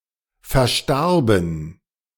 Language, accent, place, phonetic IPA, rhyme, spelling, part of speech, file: German, Germany, Berlin, [fɛɐ̯ˈʃtaʁbn̩], -aʁbn̩, verstarben, verb, De-verstarben.ogg
- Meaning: first/third-person plural preterite of versterben